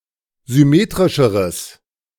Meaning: strong/mixed nominative/accusative neuter singular comparative degree of symmetrisch
- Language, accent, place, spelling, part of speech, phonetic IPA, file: German, Germany, Berlin, symmetrischeres, adjective, [zʏˈmeːtʁɪʃəʁəs], De-symmetrischeres.ogg